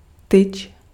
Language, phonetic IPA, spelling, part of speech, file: Czech, [ˈtɪt͡ʃ], tyč, noun, Cs-tyč.ogg
- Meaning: rod (a straight, round stick, shaft, bar, cane, or staff)